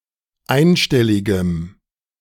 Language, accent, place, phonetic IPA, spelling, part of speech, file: German, Germany, Berlin, [ˈaɪ̯nˌʃtɛlɪɡəm], einstelligem, adjective, De-einstelligem.ogg
- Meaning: strong dative masculine/neuter singular of einstellig